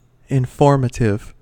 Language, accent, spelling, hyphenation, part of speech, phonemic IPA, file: English, General American, informative, in‧form‧at‧ive, adjective, /ɪnˈfoɹmətɪv/, En-us-informative.ogg
- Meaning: 1. Providing information; especially, providing useful or interesting information 2. Of a standard or specification, not specifying requirements, but merely providing information